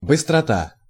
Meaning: quickness (rapidity of movement or activity)
- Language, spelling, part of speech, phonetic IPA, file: Russian, быстрота, noun, [bɨstrɐˈta], Ru-быстрота.ogg